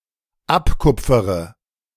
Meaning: inflection of abkupfern: 1. first-person singular dependent present 2. first/third-person singular dependent subjunctive I
- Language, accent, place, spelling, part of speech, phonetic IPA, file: German, Germany, Berlin, abkupfere, verb, [ˈapˌkʊp͡fəʁə], De-abkupfere.ogg